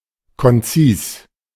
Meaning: concise; brief
- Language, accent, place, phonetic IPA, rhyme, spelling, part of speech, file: German, Germany, Berlin, [kɔnˈt͡siːs], -iːs, konzis, adjective, De-konzis.ogg